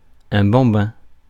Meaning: toddler (young human child)
- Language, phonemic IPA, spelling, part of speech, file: French, /bɑ̃.bɛ̃/, bambin, noun, Fr-bambin.ogg